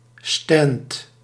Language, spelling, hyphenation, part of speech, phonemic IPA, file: Dutch, stand, stand, noun, /stɛnt/, Nl-stand1.ogg
- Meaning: stand (small building or booth)